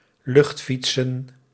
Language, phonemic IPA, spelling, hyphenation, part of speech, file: Dutch, /ˈlʏxtˌfit.sə(n)/, luchtfietsen, lucht‧fiet‧sen, verb, Nl-luchtfietsen.ogg
- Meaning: 1. to engage in fantastical or fanciful thinking 2. to make pedalling motions in the air with one's legs, as if cycling 3. to bicycle through the air (on an airborne bicycle)